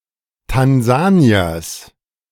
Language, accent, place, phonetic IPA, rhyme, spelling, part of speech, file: German, Germany, Berlin, [tanˈzaːni̯ɐs], -aːni̯ɐs, Tansaniers, noun, De-Tansaniers.ogg
- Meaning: genitive singular of Tansanier